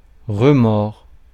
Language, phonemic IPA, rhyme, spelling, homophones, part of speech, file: French, /ʁə.mɔʁ/, -ɔʁ, remords, remors, noun / verb, Fr-remords.ogg
- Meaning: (noun) remorse, feeling of remorse; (verb) inflection of remordre (“to bite again, to bite back”): 1. first/second-person singular present indicative 2. second-person singular imperative